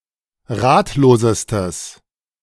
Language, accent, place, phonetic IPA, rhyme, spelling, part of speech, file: German, Germany, Berlin, [ˈʁaːtloːzəstəs], -aːtloːzəstəs, ratlosestes, adjective, De-ratlosestes.ogg
- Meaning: strong/mixed nominative/accusative neuter singular superlative degree of ratlos